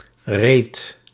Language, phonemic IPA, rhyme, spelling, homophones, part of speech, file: Dutch, /reːt/, -eːt, reedt, reed, verb, Nl-reedt.ogg
- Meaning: 1. second-person (gij) singular past indicative of rijden 2. inflection of reden: second/third-person singular present indicative 3. inflection of reden: plural imperative